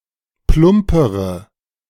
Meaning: inflection of plump: 1. strong/mixed nominative/accusative feminine singular comparative degree 2. strong nominative/accusative plural comparative degree
- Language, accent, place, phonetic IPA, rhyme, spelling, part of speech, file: German, Germany, Berlin, [ˈplʊmpəʁə], -ʊmpəʁə, plumpere, adjective, De-plumpere.ogg